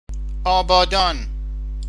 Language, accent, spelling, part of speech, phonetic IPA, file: Persian, Iran, آبادان, noun / adjective / proper noun, [ʔɒː.bɒː.d̪ɒ́ːn], Fa-آبادان.ogg
- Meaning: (noun) cultivated or inhabited place; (adjective) cultivated, inhabited; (proper noun) Abadan (a city in Iran)